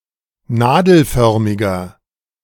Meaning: inflection of nadelförmig: 1. strong/mixed nominative masculine singular 2. strong genitive/dative feminine singular 3. strong genitive plural
- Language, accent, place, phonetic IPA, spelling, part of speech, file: German, Germany, Berlin, [ˈnaːdl̩ˌfœʁmɪɡɐ], nadelförmiger, adjective, De-nadelförmiger.ogg